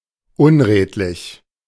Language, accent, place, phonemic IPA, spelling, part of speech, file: German, Germany, Berlin, /ˈʊnˌʁeːtlɪç/, unredlich, adjective, De-unredlich.ogg
- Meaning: dishonest